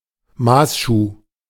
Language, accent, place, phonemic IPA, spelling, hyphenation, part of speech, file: German, Germany, Berlin, /ˈmaːsˌʃuː/, Maßschuh, Maß‧schuh, noun, De-Maßschuh.ogg
- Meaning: custom-made shoe